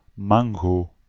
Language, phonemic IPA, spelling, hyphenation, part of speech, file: Dutch, /ˈmɑŋ.ɡoː/, mango, man‧go, noun, Nl-mango.ogg
- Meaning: 1. mango 2. mango tree, Mangifera indica